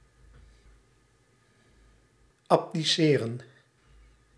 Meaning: to abdicate
- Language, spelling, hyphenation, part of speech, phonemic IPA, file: Dutch, abdiceren, ab‧di‧ce‧ren, verb, /ˌɑpdiˈseːrə(n)/, Nl-abdiceren.ogg